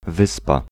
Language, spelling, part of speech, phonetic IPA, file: Polish, wyspa, noun, [ˈvɨspa], Pl-wyspa.ogg